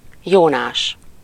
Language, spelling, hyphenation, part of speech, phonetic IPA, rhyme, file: Hungarian, Jónás, Jó‧nás, proper noun, [ˈjoːnaːʃ], -aːʃ, Hu-Jónás.ogg
- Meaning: 1. Jonah (minor prophet who was cast into the sea and swallowed by a great fish) 2. a male given name, equivalent to English Jonah 3. a surname